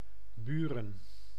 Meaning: 1. Buren (a city and municipality of Gelderland, Netherlands) 2. a village in Ameland, Friesland, Netherlands 3. a hamlet in Hengelo, Overijssel, Netherlands
- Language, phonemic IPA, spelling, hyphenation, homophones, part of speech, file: Dutch, /ˈbyː.rə(n)/, Buren, Bu‧ren, buren, proper noun, Nl-Buren.ogg